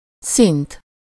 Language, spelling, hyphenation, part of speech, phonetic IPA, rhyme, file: Hungarian, szint, szint, noun, [ˈsint], -int, Hu-szint.ogg
- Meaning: level (distance relative to a given reference elevation)